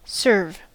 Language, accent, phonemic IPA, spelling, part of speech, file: English, US, /sɝv/, serve, verb / noun, En-us-serve.ogg
- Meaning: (verb) To provide a service (or, by extension, a product, especially food or drink).: To be a formal servant for (a god or deity); to worship in an official capacity